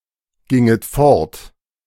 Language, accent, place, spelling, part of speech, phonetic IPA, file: German, Germany, Berlin, ginget fort, verb, [ˌɡɪŋət ˈfɔʁt], De-ginget fort.ogg
- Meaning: second-person plural subjunctive II of fortgehen